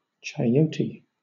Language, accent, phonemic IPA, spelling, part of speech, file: English, Southern England, /tʃaɪˈəʊti/, chayote, noun, LL-Q1860 (eng)-chayote.wav
- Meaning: 1. Sicyos edulis, a tropical American perennial herbaceous vine having tendrils, tuberous roots, and a green, pear-shaped fruit cooked as a vegetable 2. The fruit of this plant